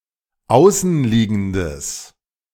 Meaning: strong/mixed nominative/accusative neuter singular of außenliegend
- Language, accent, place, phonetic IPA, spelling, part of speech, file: German, Germany, Berlin, [ˈaʊ̯sn̩ˌliːɡn̩dəs], außenliegendes, adjective, De-außenliegendes.ogg